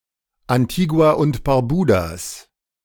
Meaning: genitive singular of Antigua und Barbuda
- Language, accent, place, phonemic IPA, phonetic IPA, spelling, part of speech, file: German, Germany, Berlin, /anˌtiː.ɡu̯aː ʊnt baʁˈbuː.daːs/, [ʔanˌtʰiː.ɡu̯aː ʔʊnt b̥aʁˈbuː.daːs], Antigua und Barbudas, noun, De-Antigua und Barbudas.ogg